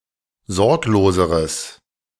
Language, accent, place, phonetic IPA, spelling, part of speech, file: German, Germany, Berlin, [ˈzɔʁkloːzəʁəs], sorgloseres, adjective, De-sorgloseres.ogg
- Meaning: strong/mixed nominative/accusative neuter singular comparative degree of sorglos